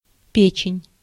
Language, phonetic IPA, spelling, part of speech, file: Russian, [ˈpʲet͡ɕɪnʲ], печень, noun, Ru-печень.ogg
- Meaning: liver